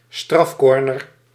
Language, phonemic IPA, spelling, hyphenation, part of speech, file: Dutch, /ˈstrɑfˌkɔr.nər/, strafcorner, straf‧cor‧ner, noun, Nl-strafcorner.ogg
- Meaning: penalty corner (corner taken from the back line approx. 10 m from the nearest goalpost)